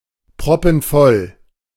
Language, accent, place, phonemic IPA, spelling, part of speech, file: German, Germany, Berlin, /ˈpʁɔpənˌfɔl/, proppenvoll, adjective, De-proppenvoll.ogg
- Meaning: 1. jam-packed, overcrowded (very crowded, at the maximum of realistic capacity) 2. full up, stuffed (full after eating, completely satiated)